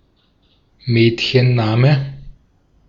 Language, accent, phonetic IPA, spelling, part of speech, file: German, Austria, [ˈmɛːtçənˌnaːmə], Mädchenname, noun, De-at-Mädchenname.ogg
- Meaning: 1. girl's name 2. maiden name (a woman's surname before marriage)